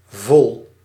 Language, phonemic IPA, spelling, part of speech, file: Dutch, /vɔl/, vol-, prefix, Nl-vol-.ogg
- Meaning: to complete what the stem refers to